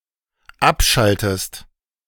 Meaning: inflection of abschalten: 1. second-person singular dependent present 2. second-person singular dependent subjunctive I
- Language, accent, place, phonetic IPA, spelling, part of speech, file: German, Germany, Berlin, [ˈapˌʃaltəst], abschaltest, verb, De-abschaltest.ogg